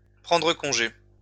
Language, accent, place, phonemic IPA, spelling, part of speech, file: French, France, Lyon, /pʁɑ̃.dʁə kɔ̃.ʒe/, prendre congé, verb, LL-Q150 (fra)-prendre congé.wav
- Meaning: 1. to take a day off 2. to take leave of, to say goodbye to